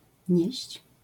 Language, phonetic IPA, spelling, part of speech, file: Polish, [ɲɛ̇ɕt͡ɕ], nieść, verb, LL-Q809 (pol)-nieść.wav